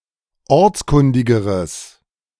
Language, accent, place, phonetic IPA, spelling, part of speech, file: German, Germany, Berlin, [ˈɔʁt͡sˌkʊndɪɡəʁəs], ortskundigeres, adjective, De-ortskundigeres.ogg
- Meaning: strong/mixed nominative/accusative neuter singular comparative degree of ortskundig